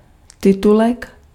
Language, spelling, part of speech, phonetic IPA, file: Czech, titulek, noun, [ˈtɪtulɛk], Cs-titulek.ogg
- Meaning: 1. subtitle, caption (textual versions of the dialog in films) 2. caption (heading or title)